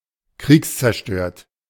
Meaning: destroyed by warfare
- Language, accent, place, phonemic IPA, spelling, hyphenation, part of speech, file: German, Germany, Berlin, /ˈkʁiːks.t͡sɛɐ̯ˌʃtøːɐ̯t/, kriegszerstört, kriegs‧zer‧stört, adjective, De-kriegszerstört.ogg